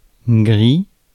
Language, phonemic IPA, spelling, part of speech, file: French, /ɡʁi/, gris, adjective / noun, Fr-gris.ogg
- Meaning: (adjective) 1. grey / gray 2. drunk, tipsy; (noun) gray / grey